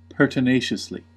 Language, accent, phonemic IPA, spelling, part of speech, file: English, US, /ˌpɝːtənˈeɪʃəsli/, pertinaciously, adverb, En-us-pertinaciously.ogg
- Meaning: In a stubbornly resolute manner; tenaciously holding one's course of action or opinion